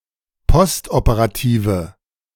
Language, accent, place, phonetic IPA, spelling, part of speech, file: German, Germany, Berlin, [ˈpɔstʔopəʁaˌtiːvə], postoperative, adjective, De-postoperative.ogg
- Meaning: inflection of postoperativ: 1. strong/mixed nominative/accusative feminine singular 2. strong nominative/accusative plural 3. weak nominative all-gender singular